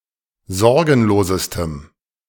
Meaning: strong dative masculine/neuter singular superlative degree of sorgenlos
- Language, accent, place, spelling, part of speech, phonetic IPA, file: German, Germany, Berlin, sorgenlosestem, adjective, [ˈzɔʁɡn̩loːzəstəm], De-sorgenlosestem.ogg